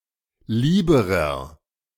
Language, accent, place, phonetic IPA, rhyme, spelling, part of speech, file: German, Germany, Berlin, [ˈliːbəʁɐ], -iːbəʁɐ, lieberer, adjective, De-lieberer.ogg
- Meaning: inflection of lieb: 1. strong/mixed nominative masculine singular comparative degree 2. strong genitive/dative feminine singular comparative degree 3. strong genitive plural comparative degree